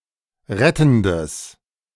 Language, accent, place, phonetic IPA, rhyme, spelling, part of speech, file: German, Germany, Berlin, [ˈʁɛtn̩dəs], -ɛtn̩dəs, rettendes, adjective, De-rettendes.ogg
- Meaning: strong/mixed nominative/accusative neuter singular of rettend